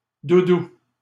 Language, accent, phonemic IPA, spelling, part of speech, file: French, Canada, /du.du/, doudou, noun, LL-Q150 (fra)-doudou.wav
- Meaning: 1. any stuffed toy such as a stuffed animal 2. beloved, darling (term of endearment)